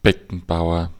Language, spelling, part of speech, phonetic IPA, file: German, Beckenbauer, proper noun, [ˈbɛkn̩ˌbaʊ̯ɐ], De-Beckenbauer.ogg
- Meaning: a surname